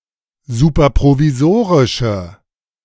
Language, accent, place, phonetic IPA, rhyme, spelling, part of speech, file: German, Germany, Berlin, [ˌsuːpɐpʁoviˈzoːʁɪʃə], -oːʁɪʃə, superprovisorische, adjective, De-superprovisorische.ogg
- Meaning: inflection of superprovisorisch: 1. strong/mixed nominative/accusative feminine singular 2. strong nominative/accusative plural 3. weak nominative all-gender singular